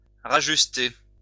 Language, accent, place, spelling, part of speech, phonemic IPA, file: French, France, Lyon, rajuster, verb, /ʁa.ʒys.te/, LL-Q150 (fra)-rajuster.wav
- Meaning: 1. to adjust, readjust, correct 2. to straighten, tidy (clothes) 3. to straighten one's clothes 4. to reconcile